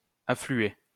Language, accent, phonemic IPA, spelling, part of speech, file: French, France, /a.fly.e/, affluer, verb, LL-Q150 (fra)-affluer.wav
- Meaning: 1. to flow (into) (said of rivers) 2. to pour (in), to come in droves (said of people, things)